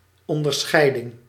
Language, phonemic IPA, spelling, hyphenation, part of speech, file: Dutch, /ˌɔndərˈsxɛi̯dɪŋ/, onderscheiding, on‧der‧schei‧ding, noun, Nl-onderscheiding.ogg
- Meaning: 1. distinction 2. decoration